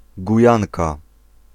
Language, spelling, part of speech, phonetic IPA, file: Polish, Gujanka, noun, [ɡuˈjãŋka], Pl-Gujanka.ogg